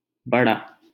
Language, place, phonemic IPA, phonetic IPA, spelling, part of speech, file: Hindi, Delhi, /bə.ɽɑː/, [bɐ.ɽäː], बड़ा, adjective, LL-Q1568 (hin)-बड़ा.wav
- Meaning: 1. big, large, huge 2. massive, heavy 3. grown up, adult 4. important 5. capitalized, majuscule; long (of Hindi vowels) 6. very